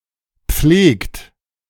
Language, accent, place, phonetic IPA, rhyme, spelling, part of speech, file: German, Germany, Berlin, [p͡fleːkt], -eːkt, pflegt, verb, De-pflegt.ogg
- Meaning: inflection of pflegen: 1. third-person singular present 2. second-person plural present 3. plural imperative